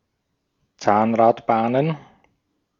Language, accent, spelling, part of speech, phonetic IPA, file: German, Austria, Zahnradbahnen, noun, [ˈt͡saːnʁatˌbaːnən], De-at-Zahnradbahnen.ogg
- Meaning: plural of Zahnradbahn